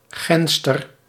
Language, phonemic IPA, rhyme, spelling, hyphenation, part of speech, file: Dutch, /ˈɣɛnstər/, -ɛnstər, genster, gen‧ster, noun, Nl-genster.ogg
- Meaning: spark